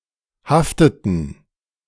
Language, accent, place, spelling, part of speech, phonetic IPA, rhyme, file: German, Germany, Berlin, hafteten, verb, [ˈhaftətn̩], -aftətn̩, De-hafteten.ogg
- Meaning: inflection of haften: 1. first/third-person plural preterite 2. first/third-person plural subjunctive II